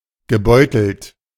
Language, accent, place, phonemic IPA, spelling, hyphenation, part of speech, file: German, Germany, Berlin, /ɡəˈbɔɪ̯tl̩t/, gebeutelt, ge‧beu‧telt, verb / adjective, De-gebeutelt.ogg
- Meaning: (verb) past participle of beuteln; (adjective) plagued, ridden